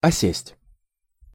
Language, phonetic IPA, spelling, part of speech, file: Russian, [ɐˈsʲesʲtʲ], осесть, verb, Ru-осесть.ogg
- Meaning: 1. to settle, to sink 2. to gravitate